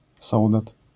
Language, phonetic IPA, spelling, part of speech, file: Polish, [ˈsɔwdat], sołdat, noun, LL-Q809 (pol)-sołdat.wav